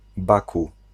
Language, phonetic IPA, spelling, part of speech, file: Polish, [ˈbaku], Baku, proper noun, Pl-Baku.ogg